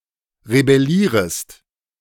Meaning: second-person singular subjunctive I of rebellieren
- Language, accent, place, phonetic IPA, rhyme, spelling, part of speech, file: German, Germany, Berlin, [ʁebɛˈliːʁəst], -iːʁəst, rebellierest, verb, De-rebellierest.ogg